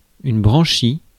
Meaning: gill
- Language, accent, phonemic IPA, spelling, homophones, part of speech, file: French, France, /bʁɑ̃.ʃi/, branchie, branchies, noun, Fr-branchie.ogg